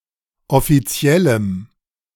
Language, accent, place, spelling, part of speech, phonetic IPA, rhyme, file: German, Germany, Berlin, offiziellem, adjective, [ɔfiˈt͡si̯ɛləm], -ɛləm, De-offiziellem.ogg
- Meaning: strong dative masculine/neuter singular of offiziell